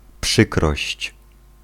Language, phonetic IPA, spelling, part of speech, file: Polish, [ˈpʃɨkrɔɕt͡ɕ], przykrość, noun, Pl-przykrość.ogg